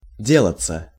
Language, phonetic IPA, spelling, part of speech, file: Russian, [ˈdʲeɫət͡sə], делаться, verb, Ru-делаться.ogg
- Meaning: 1. to become, to get, to grow, to turn 2. to happen (with, to), to be going on 3. passive of де́лать (délatʹ)